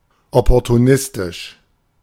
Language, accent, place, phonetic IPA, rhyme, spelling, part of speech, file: German, Germany, Berlin, [ˌɔpɔʁtuˈnɪstɪʃ], -ɪstɪʃ, opportunistisch, adjective, De-opportunistisch.ogg
- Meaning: opportunistic